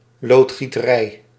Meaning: plumbing (the trade)
- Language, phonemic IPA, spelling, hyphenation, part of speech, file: Dutch, /ˌloːt.xi.təˈrɛi̯/, loodgieterij, lood‧gie‧te‧rij, noun, Nl-loodgieterij.ogg